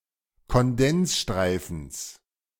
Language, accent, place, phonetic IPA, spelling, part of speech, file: German, Germany, Berlin, [kɔnˈdɛnsˌʃtʁaɪ̯fn̩s], Kondensstreifens, noun, De-Kondensstreifens.ogg
- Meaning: genitive singular of Kondensstreifen